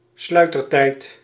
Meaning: shutter speed, exposure time
- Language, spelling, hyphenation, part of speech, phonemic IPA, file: Dutch, sluitertijd, slui‧ter‧tijd, noun, /ˈslœy̯.tərˌtɛi̯t/, Nl-sluitertijd.ogg